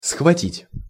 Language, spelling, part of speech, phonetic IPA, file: Russian, схватить, verb, [sxvɐˈtʲitʲ], Ru-схватить.ogg
- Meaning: to grasp, to grab, to seize, to snap, to snatch, to catch, to catch hold of